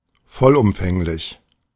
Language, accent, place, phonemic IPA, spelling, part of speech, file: German, Germany, Berlin, /ˈfɔlʔʊmfɛŋlɪç/, vollumfänglich, adjective, De-vollumfänglich.ogg
- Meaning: complete